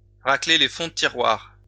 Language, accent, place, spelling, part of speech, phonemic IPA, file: French, France, Lyon, racler les fonds de tiroirs, verb, /ʁa.kle le fɔ̃ də ti.ʁwaʁ/, LL-Q150 (fra)-racler les fonds de tiroirs.wav
- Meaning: to scrape some money together, to raid the piggy bank, to scrape the bottom of the barrel